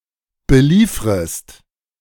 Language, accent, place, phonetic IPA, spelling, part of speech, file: German, Germany, Berlin, [bəˈliːfʁəst], beliefrest, verb, De-beliefrest.ogg
- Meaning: second-person singular subjunctive I of beliefern